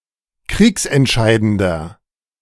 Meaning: 1. comparative degree of kriegsentscheidend 2. inflection of kriegsentscheidend: strong/mixed nominative masculine singular
- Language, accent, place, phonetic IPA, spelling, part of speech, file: German, Germany, Berlin, [ˈkʁiːksɛntˌʃaɪ̯dəndɐ], kriegsentscheidender, adjective, De-kriegsentscheidender.ogg